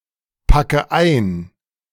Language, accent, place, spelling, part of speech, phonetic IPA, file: German, Germany, Berlin, packe ein, verb, [ˌpakə ˈaɪ̯n], De-packe ein.ogg
- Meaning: inflection of einpacken: 1. first-person singular present 2. first/third-person singular subjunctive I 3. singular imperative